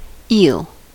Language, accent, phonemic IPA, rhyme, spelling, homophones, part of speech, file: English, US, /iːl/, -iːl, eel, 'e'll, noun / verb, En-us-eel.ogg
- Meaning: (noun) 1. Any freshwater fish of the order Anguilliformes, which are elongated and resemble snakes 2. A European eel (Anguilla anguilla)